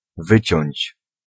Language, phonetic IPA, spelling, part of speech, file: Polish, [ˈvɨt͡ɕɔ̇̃ɲt͡ɕ], wyciąć, verb, Pl-wyciąć.ogg